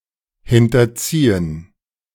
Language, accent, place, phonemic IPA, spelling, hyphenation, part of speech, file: German, Germany, Berlin, /ˌhɪntɐˈt͡siːən/, hinterziehen, hin‧ter‧zie‧hen, verb, De-hinterziehen.ogg
- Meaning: 1. to evade (taxes) 2. to pull to the back